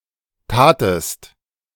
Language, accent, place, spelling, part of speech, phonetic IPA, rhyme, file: German, Germany, Berlin, tatest, verb, [ˈtaːtəst], -aːtəst, De-tatest.ogg
- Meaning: second-person singular preterite of tun